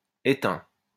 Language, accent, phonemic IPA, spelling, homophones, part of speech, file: French, France, /e.tɛ̃/, éteint, étaim / étaims / étain / étains / éteints, verb / adjective, LL-Q150 (fra)-éteint.wav
- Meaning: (verb) 1. third-person singular present indicative of éteindre 2. past participle of éteindre; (adjective) 1. extinct 2. dead, lifeless